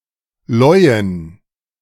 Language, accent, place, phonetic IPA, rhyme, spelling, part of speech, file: German, Germany, Berlin, [ˈlɔɪ̯ən], -ɔɪ̯ən, Leuen, noun, De-Leuen.ogg
- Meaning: plural of Leu